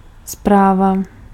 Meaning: 1. message 2. report
- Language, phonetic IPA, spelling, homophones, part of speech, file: Czech, [ˈspraːva], zpráva, správa, noun, Cs-zpráva.ogg